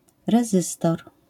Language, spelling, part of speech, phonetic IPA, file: Polish, rezystor, noun, [rɛˈzɨstɔr], LL-Q809 (pol)-rezystor.wav